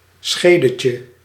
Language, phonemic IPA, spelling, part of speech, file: Dutch, /ˈsxedəcə/, schedetje, noun, Nl-schedetje.ogg
- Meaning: diminutive of schede